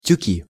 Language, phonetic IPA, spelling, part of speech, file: Russian, [tʲʉˈkʲi], тюки, noun, Ru-тюки.ogg
- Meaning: nominative/accusative plural of тюк (tjuk)